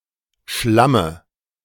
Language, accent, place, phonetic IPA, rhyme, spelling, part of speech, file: German, Germany, Berlin, [ˈʃlamə], -amə, Schlamme, noun, De-Schlamme.ogg
- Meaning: dative of Schlamm